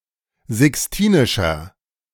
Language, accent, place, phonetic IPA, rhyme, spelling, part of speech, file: German, Germany, Berlin, [zɪksˈtiːnɪʃɐ], -iːnɪʃɐ, sixtinischer, adjective, De-sixtinischer.ogg
- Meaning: inflection of sixtinisch: 1. strong/mixed nominative masculine singular 2. strong genitive/dative feminine singular 3. strong genitive plural